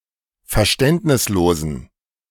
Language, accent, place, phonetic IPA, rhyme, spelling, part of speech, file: German, Germany, Berlin, [fɛɐ̯ˈʃtɛntnɪsˌloːzn̩], -ɛntnɪsloːzn̩, verständnislosen, adjective, De-verständnislosen.ogg
- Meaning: inflection of verständnislos: 1. strong genitive masculine/neuter singular 2. weak/mixed genitive/dative all-gender singular 3. strong/weak/mixed accusative masculine singular 4. strong dative plural